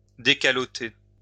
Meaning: 1. to uncap someone, to remove the cap from someone 2. to open any oblong or vertical object by withdrawing its top part, or to uncover the top of such an object by withdrawing what covers it
- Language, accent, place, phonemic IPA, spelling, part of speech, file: French, France, Lyon, /de.ka.lɔ.te/, décalotter, verb, LL-Q150 (fra)-décalotter.wav